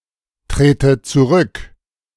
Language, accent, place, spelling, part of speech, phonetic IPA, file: German, Germany, Berlin, trete zurück, verb, [ˌtʁeːtə t͡suˈʁʏk], De-trete zurück.ogg
- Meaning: inflection of zurücktreten: 1. first-person singular present 2. first/third-person singular subjunctive I